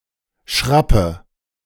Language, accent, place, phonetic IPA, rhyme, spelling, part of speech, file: German, Germany, Berlin, [ˈʃʁapə], -apə, schrappe, verb, De-schrappe.ogg
- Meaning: inflection of schrappen: 1. first-person singular present 2. first/third-person singular subjunctive I 3. singular imperative